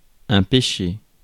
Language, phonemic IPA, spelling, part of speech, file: French, /pe.ʃe/, péché, noun / verb, Fr-péché.ogg
- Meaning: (noun) sin; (verb) past participle of pécher